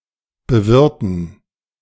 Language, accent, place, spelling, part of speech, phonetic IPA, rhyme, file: German, Germany, Berlin, bewirten, verb, [bəˈvɪʁtn̩], -ɪʁtn̩, De-bewirten.ogg
- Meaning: 1. to treat, to feast, to regale, to entertain a guest 2. to cultivate land, farm land